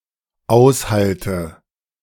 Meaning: inflection of aushalten: 1. first-person singular dependent present 2. first/third-person singular dependent subjunctive I
- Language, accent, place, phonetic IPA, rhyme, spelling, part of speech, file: German, Germany, Berlin, [ˈaʊ̯sˌhaltə], -aʊ̯shaltə, aushalte, verb, De-aushalte.ogg